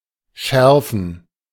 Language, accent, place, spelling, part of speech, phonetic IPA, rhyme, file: German, Germany, Berlin, schärfen, verb, [ˈʃɛʁfn̩], -ɛʁfn̩, De-schärfen.ogg
- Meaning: 1. to sharpen 2. to strengthen; to sharpen